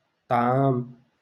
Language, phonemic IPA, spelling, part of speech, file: Moroccan Arabic, /tˤʕaːm/, طعام, noun, LL-Q56426 (ary)-طعام.wav
- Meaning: couscous